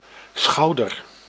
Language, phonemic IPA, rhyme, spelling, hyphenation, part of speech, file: Dutch, /ˈsxɑu̯.dər/, -ɑu̯dər, schouder, schou‧der, noun, Nl-schouder.ogg
- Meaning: shoulder